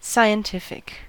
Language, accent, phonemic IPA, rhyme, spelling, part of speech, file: English, US, /ˌsaɪ.ənˈtɪf.ɪk/, -ɪfɪk, scientific, adjective, En-us-scientific.ogg
- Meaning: 1. Related or connected to science 2. Related or connected to science: Derived from or consistent with the scientific method